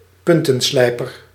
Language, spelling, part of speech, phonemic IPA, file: Dutch, puntenslijper, noun, /ˈpʏntə(n)ˌslɛipər/, Nl-puntenslijper.ogg
- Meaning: pencil sharpener